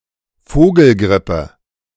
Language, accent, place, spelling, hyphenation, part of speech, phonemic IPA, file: German, Germany, Berlin, Vogelgrippe, Vo‧gel‧grip‧pe, noun, /ˈfoːɡl̩ˌɡʁɪpə/, De-Vogelgrippe.ogg
- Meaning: avian influenza, bird flu